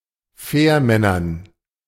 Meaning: dative plural of Fährmann
- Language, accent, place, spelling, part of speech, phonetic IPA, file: German, Germany, Berlin, Fährmännern, noun, [ˈfɛːɐ̯ˌmɛnɐn], De-Fährmännern.ogg